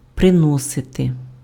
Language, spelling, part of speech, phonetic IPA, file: Ukrainian, приносити, verb, [preˈnɔsete], Uk-приносити.ogg
- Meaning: to bring, to fetch (a thing, on foot)